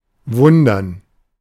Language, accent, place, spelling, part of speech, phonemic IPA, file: German, Germany, Berlin, wundern, verb, /ˈvʊndɐn/, De-wundern.ogg
- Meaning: 1. to surprise, to astonish (of sights, behaviors, outcomes) 2. to be surprised 3. to wonder, to consider something strange, to be confused